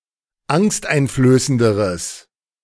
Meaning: strong/mixed nominative/accusative neuter singular comparative degree of angsteinflößend
- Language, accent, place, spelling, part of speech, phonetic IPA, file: German, Germany, Berlin, angsteinflößenderes, adjective, [ˈaŋstʔaɪ̯nfløːsəndəʁəs], De-angsteinflößenderes.ogg